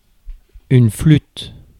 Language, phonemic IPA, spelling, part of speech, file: French, /flyt/, flûte, noun / interjection, Fr-flûte.ogg